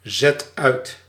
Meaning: inflection of uitzetten: 1. first/second/third-person singular present indicative 2. imperative
- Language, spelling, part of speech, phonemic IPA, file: Dutch, zet uit, verb, /ˌzɛt ˈœy̯t/, Nl-zet uit.ogg